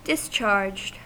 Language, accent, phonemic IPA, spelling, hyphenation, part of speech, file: English, US, /dɪsˈt͡ʃɑɹd͡ʒd/, discharged, dis‧charged, verb, En-us-discharged.ogg
- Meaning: simple past and past participle of discharge